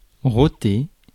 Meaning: to belch; to burp
- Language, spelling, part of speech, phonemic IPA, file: French, roter, verb, /ʁɔ.te/, Fr-roter.ogg